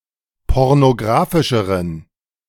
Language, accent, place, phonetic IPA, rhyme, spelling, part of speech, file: German, Germany, Berlin, [ˌpɔʁnoˈɡʁaːfɪʃəʁən], -aːfɪʃəʁən, pornographischeren, adjective, De-pornographischeren.ogg
- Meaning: inflection of pornographisch: 1. strong genitive masculine/neuter singular comparative degree 2. weak/mixed genitive/dative all-gender singular comparative degree